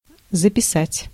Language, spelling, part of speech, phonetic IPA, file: Russian, записать, verb, [zəpʲɪˈsatʲ], Ru-записать.ogg
- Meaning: 1. to write down, to enter (to set something down in writing) 2. to record (to make a record of information; to make an audio or video recording of)